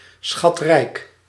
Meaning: loaded, very rich
- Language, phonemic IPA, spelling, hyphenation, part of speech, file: Dutch, /sxɑtˈrɛi̯k/, schatrijk, schat‧rijk, adjective, Nl-schatrijk.ogg